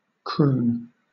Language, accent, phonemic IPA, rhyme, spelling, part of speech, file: English, Southern England, /kɹuːn/, -uːn, croon, verb / noun, LL-Q1860 (eng)-croon.wav
- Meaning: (verb) To hum or sing (a song or tune), or to speak (words), softly in a low pitch or in a sentimental manner; specifically, to sing (a popular song) in a low, mellow voice